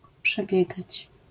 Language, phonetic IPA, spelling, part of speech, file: Polish, [pʃɛˈbʲjɛɡat͡ɕ], przebiegać, verb, LL-Q809 (pol)-przebiegać.wav